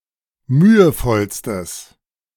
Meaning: strong/mixed nominative/accusative neuter singular superlative degree of mühevoll
- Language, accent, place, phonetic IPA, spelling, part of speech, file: German, Germany, Berlin, [ˈmyːəˌfɔlstəs], mühevollstes, adjective, De-mühevollstes.ogg